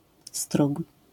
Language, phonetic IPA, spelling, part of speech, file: Polish, [struk], strug, noun, LL-Q809 (pol)-strug.wav